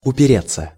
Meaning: 1. to rest (against), to set (against) 2. to jib, to balk, to refuse 3. to be hampered, to be held back, to hinge (on) 4. to meet, to run into (an obstacle) 5. passive of упере́ть (uperétʹ)
- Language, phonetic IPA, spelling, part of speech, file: Russian, [ʊpʲɪˈrʲet͡sːə], упереться, verb, Ru-упереться.ogg